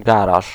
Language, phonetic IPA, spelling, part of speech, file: Polish, [ˈɡaraʃ], garaż, noun, Pl-garaż.ogg